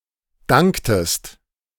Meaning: inflection of danken: 1. second-person singular preterite 2. second-person singular subjunctive II
- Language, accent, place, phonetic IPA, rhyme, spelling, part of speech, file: German, Germany, Berlin, [ˈdaŋktəst], -aŋktəst, danktest, verb, De-danktest.ogg